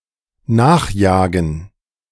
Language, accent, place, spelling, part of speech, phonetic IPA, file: German, Germany, Berlin, nachjagen, verb, [ˈnaːxˌjaːɡn̩], De-nachjagen.ogg
- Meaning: to pursue, to chase